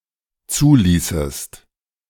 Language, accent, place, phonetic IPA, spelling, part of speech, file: German, Germany, Berlin, [ˈt͡suːˌliːsəst], zuließest, verb, De-zuließest.ogg
- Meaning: second-person singular dependent subjunctive II of zulassen